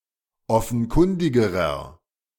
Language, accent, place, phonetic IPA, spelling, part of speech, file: German, Germany, Berlin, [ˈɔfn̩ˌkʊndɪɡəʁɐ], offenkundigerer, adjective, De-offenkundigerer.ogg
- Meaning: inflection of offenkundig: 1. strong/mixed nominative masculine singular comparative degree 2. strong genitive/dative feminine singular comparative degree 3. strong genitive plural comparative degree